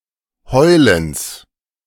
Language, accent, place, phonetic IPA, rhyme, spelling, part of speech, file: German, Germany, Berlin, [ˈhɔɪ̯ləns], -ɔɪ̯ləns, Heulens, noun, De-Heulens.ogg
- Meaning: genitive of Heulen